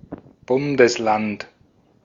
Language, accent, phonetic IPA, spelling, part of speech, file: German, Austria, [ˈbʊndəsˌlant], Bundesland, noun, De-at-Bundesland.ogg
- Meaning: 1. federal state (non-sovereign state) 2. One of the 16 federal states of Germany 3. One of the 9 federal states of Austria